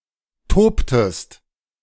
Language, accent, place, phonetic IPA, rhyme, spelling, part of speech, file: German, Germany, Berlin, [ˈtoːptəst], -oːptəst, tobtest, verb, De-tobtest.ogg
- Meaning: inflection of toben: 1. second-person singular preterite 2. second-person singular subjunctive II